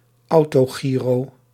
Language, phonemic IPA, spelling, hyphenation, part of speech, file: Dutch, /ˌɑu̯.toːˈɣiː.roː/, autogyro, au‧to‧gy‧ro, noun, Nl-autogyro.ogg
- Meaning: Official spelling of autogiro